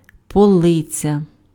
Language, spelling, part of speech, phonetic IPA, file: Ukrainian, полиця, noun, [pɔˈɫɪt͡sʲɐ], Uk-полиця.ogg
- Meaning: shelf